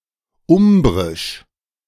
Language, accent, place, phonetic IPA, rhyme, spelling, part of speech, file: German, Germany, Berlin, [ˈʊmbʁɪʃ], -ʊmbʁɪʃ, umbrisch, adjective, De-umbrisch.ogg
- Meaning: of Umbria; Umbrian